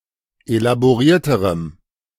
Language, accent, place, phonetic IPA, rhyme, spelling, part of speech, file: German, Germany, Berlin, [elaboˈʁiːɐ̯təʁəm], -iːɐ̯təʁəm, elaborierterem, adjective, De-elaborierterem.ogg
- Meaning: strong dative masculine/neuter singular comparative degree of elaboriert